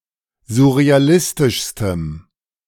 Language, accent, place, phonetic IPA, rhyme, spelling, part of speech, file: German, Germany, Berlin, [zʊʁeaˈlɪstɪʃstəm], -ɪstɪʃstəm, surrealistischstem, adjective, De-surrealistischstem.ogg
- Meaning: strong dative masculine/neuter singular superlative degree of surrealistisch